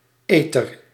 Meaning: eater
- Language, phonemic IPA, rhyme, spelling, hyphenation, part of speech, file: Dutch, /ˈeː.tər/, -eːtər, eter, eter, noun, Nl-eter.ogg